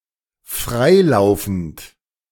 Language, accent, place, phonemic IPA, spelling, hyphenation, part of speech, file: German, Germany, Berlin, /ˈfʁaɪ̯ˌlaʊ̯fn̩t/, freilaufend, frei‧lau‧fend, adjective, De-freilaufend.ogg
- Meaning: alternative form of frei laufend